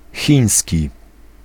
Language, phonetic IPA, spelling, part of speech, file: Polish, [ˈxʲĩj̃ɲsʲci], chiński, adjective / noun, Pl-chiński.ogg